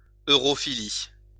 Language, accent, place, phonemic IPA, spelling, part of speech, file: French, France, Lyon, /ø.ʁɔ.fi.li/, europhilie, noun, LL-Q150 (fra)-europhilie.wav
- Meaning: europhilia (love of Europe)